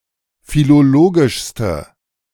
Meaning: inflection of philologisch: 1. strong/mixed nominative/accusative feminine singular superlative degree 2. strong nominative/accusative plural superlative degree
- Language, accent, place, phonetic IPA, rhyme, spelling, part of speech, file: German, Germany, Berlin, [filoˈloːɡɪʃstə], -oːɡɪʃstə, philologischste, adjective, De-philologischste.ogg